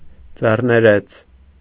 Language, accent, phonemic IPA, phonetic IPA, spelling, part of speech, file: Armenian, Eastern Armenian, /d͡zerneˈɾet͡sʰ/, [d͡zerneɾét͡sʰ], ձեռներեց, noun / adjective, Hy-ձեռներեց.ogg
- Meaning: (noun) entrepreneur; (adjective) enterprising